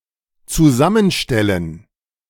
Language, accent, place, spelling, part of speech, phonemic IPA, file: German, Germany, Berlin, zusammenstellen, verb, /tsuˈzamənˌʃtɛlən/, De-zusammenstellen.ogg
- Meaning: to compose, to compile